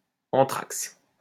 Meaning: the distance between two axes
- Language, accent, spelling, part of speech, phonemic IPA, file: French, France, entraxe, noun, /ɑ̃.tʁaks/, LL-Q150 (fra)-entraxe.wav